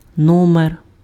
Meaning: 1. ordinal number 2. number (various senses) 3. size (of clothes or shoes) 4. room (in a hotel) 5. number, issue (e.g. of a magazine or a newspaper) 6. item, turn, trick (e.g., in a circus)
- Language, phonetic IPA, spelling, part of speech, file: Ukrainian, [ˈnɔmer], номер, noun, Uk-номер.ogg